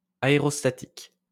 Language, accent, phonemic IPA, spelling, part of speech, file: French, France, /a.e.ʁɔs.ta.tik/, aérostatique, adjective, LL-Q150 (fra)-aérostatique.wav
- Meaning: aerostatic